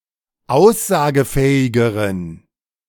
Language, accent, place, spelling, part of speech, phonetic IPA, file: German, Germany, Berlin, aussagefähigeren, adjective, [ˈaʊ̯szaːɡəˌfɛːɪɡəʁən], De-aussagefähigeren.ogg
- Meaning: inflection of aussagefähig: 1. strong genitive masculine/neuter singular comparative degree 2. weak/mixed genitive/dative all-gender singular comparative degree